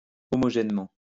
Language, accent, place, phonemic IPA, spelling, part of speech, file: French, France, Lyon, /ɔ.mɔ.ʒɛn.mɑ̃/, homogènement, adverb, LL-Q150 (fra)-homogènement.wav
- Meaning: homogeneously